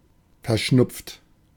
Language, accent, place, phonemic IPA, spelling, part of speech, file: German, Germany, Berlin, /fɛɐ̯ˈʃnʊpft/, verschnupft, verb / adjective, De-verschnupft.ogg
- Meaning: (verb) past participle of verschnupfen; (adjective) 1. peeved, grumpy 2. sniffly, bunged up (with a cold)